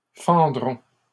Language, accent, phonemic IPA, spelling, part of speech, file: French, Canada, /fɑ̃.dʁɔ̃/, fendront, verb, LL-Q150 (fra)-fendront.wav
- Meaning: third-person plural future of fendre